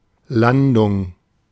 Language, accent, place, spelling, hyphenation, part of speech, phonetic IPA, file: German, Germany, Berlin, Landung, Lan‧dung, noun, [ˈlandʊŋ], De-Landung.ogg
- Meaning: landing